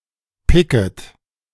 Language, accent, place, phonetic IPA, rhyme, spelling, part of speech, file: German, Germany, Berlin, [ˈpɪkət], -ɪkət, picket, verb, De-picket.ogg
- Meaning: second-person plural subjunctive I of picken